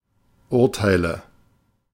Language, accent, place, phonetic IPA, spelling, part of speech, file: German, Germany, Berlin, [ˈʊʁtaɪ̯lə], Urteile, noun, De-Urteile.ogg
- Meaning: nominative/accusative/genitive plural of Urteil